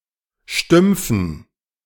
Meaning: dative plural of Stumpf
- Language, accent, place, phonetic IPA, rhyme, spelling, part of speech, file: German, Germany, Berlin, [ˈʃtʏmp͡fn̩], -ʏmp͡fn̩, Stümpfen, noun, De-Stümpfen.ogg